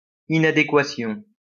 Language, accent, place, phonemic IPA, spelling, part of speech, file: French, France, Lyon, /i.na.de.kwa.sjɔ̃/, inadéquation, noun, LL-Q150 (fra)-inadéquation.wav
- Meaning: inadequacy, unsuitability, incompatibility